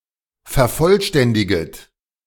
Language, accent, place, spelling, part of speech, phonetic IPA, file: German, Germany, Berlin, vervollständiget, verb, [fɛɐ̯ˈfɔlˌʃtɛndɪɡət], De-vervollständiget.ogg
- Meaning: second-person plural subjunctive I of vervollständigen